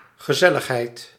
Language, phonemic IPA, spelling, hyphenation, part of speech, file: Dutch, /ɣəˈzɛ.ləxˌɦɛi̯t/, gezelligheid, ge‧zel‧lig‧heid, noun, Nl-gezelligheid.ogg
- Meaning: 1. the state or fact of being cozy; Gemütlichkeit, coziness 2. conviviality